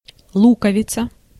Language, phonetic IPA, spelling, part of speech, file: Russian, [ˈɫukəvʲɪt͡sə], луковица, noun, Ru-луковица.ogg
- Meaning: 1. onion 2. bulb 3. onion-shaped dome of a Russian church 4. old-fashioned pocket watch with thick convex glass and convex backside